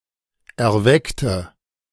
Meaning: inflection of erwecken: 1. first/third-person singular preterite 2. first/third-person singular subjunctive II
- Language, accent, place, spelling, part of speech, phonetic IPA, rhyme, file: German, Germany, Berlin, erweckte, adjective / verb, [ɛɐ̯ˈvɛktə], -ɛktə, De-erweckte.ogg